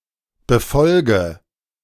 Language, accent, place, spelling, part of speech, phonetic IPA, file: German, Germany, Berlin, befolge, verb, [bəˈfɔlɡə], De-befolge.ogg
- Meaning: inflection of befolgen: 1. first-person singular present 2. first/third-person singular subjunctive I 3. singular imperative